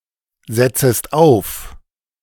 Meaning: second-person singular subjunctive I of aufsetzen
- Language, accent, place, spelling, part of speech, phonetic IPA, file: German, Germany, Berlin, setzest auf, verb, [ˌzɛt͡səst ˈaʊ̯f], De-setzest auf.ogg